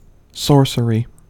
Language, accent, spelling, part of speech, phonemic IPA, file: English, US, sorcery, noun, /ˈsɔɹ.sə.ɹi/, En-us-sorcery.ogg
- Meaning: 1. Magical power; the use of witchcraft or magic arts 2. Black magic